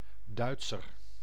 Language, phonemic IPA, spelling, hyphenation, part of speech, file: Dutch, /ˈdœy̯t.sər/, Duitser, Duit‧ser, noun, Nl-Duitser.ogg
- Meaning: German (person)